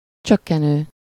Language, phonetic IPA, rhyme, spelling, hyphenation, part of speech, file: Hungarian, [ˈt͡ʃøkːɛnøː], -nøː, csökkenő, csök‧ke‧nő, verb / adjective, Hu-csökkenő.ogg
- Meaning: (verb) present participle of csökken; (adjective) decreasing